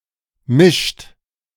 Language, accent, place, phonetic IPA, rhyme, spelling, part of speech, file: German, Germany, Berlin, [mɪʃt], -ɪʃt, mischt, verb, De-mischt.ogg
- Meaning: inflection of mischen: 1. third-person singular present 2. second-person plural present 3. plural imperative